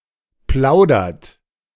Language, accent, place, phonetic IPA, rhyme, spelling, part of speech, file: German, Germany, Berlin, [ˈplaʊ̯dɐt], -aʊ̯dɐt, plaudert, verb, De-plaudert.ogg
- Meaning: inflection of plaudern: 1. third-person singular present 2. second-person plural present 3. plural imperative